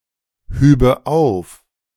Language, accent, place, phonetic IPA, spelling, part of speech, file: German, Germany, Berlin, [ˌhyːbə ˈaʊ̯f], hübe auf, verb, De-hübe auf.ogg
- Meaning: first/third-person singular subjunctive II of aufheben